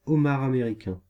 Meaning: American lobster (Homarus americanus)
- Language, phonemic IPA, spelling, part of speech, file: French, /ɔ.maʁ a.me.ʁi.kɛ̃/, homard américain, noun, Fr-homard américain.ogg